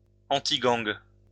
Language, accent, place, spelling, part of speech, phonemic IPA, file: French, France, Lyon, antigang, adjective, /ɑ̃.ti.ɡɑ̃ɡ/, LL-Q150 (fra)-antigang.wav
- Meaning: antigang